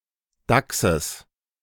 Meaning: genitive singular of Dachs
- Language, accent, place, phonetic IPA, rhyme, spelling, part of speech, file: German, Germany, Berlin, [ˈdaksəs], -aksəs, Dachses, noun, De-Dachses.ogg